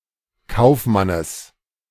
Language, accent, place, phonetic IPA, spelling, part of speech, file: German, Germany, Berlin, [ˈkaʊ̯fˌmanəs], Kaufmannes, noun, De-Kaufmannes.ogg
- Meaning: genitive singular of Kaufmann